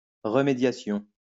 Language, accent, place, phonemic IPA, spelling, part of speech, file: French, France, Lyon, /ʁə.me.dja.sjɔ̃/, remédiation, noun, LL-Q150 (fra)-remédiation.wav
- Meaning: remediation